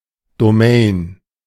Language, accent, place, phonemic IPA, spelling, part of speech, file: German, Germany, Berlin, /doˈmeɪ̯n/, Domain, noun, De-Domain.ogg
- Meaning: domain; domain name